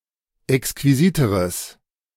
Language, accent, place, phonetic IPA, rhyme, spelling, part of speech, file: German, Germany, Berlin, [ɛkskviˈziːtəʁəs], -iːtəʁəs, exquisiteres, adjective, De-exquisiteres.ogg
- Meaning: strong/mixed nominative/accusative neuter singular comparative degree of exquisit